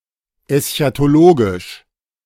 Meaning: eschatological
- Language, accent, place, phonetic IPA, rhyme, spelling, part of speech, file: German, Germany, Berlin, [ɛsçatoˈloːɡɪʃ], -oːɡɪʃ, eschatologisch, adjective, De-eschatologisch.ogg